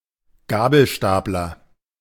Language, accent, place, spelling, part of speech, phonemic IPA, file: German, Germany, Berlin, Gabelstapler, noun, /ˈɡaːbl̩ˌʃtaːplɐ/, De-Gabelstapler.ogg
- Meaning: forklift, lift truck, jitney, fork truck (a small industrial vehicle)